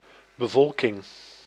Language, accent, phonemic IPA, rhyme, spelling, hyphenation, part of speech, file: Dutch, Netherlands, /bəˈvɔl.kɪŋ/, -ɔlkɪŋ, bevolking, be‧vol‧king, noun, Nl-bevolking.ogg
- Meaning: population (the actual group of residents of an area; not the number/statistic thereof)